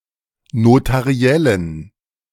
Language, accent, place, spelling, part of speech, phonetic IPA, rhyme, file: German, Germany, Berlin, notariellen, adjective, [notaˈʁi̯ɛlən], -ɛlən, De-notariellen.ogg
- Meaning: inflection of notariell: 1. strong genitive masculine/neuter singular 2. weak/mixed genitive/dative all-gender singular 3. strong/weak/mixed accusative masculine singular 4. strong dative plural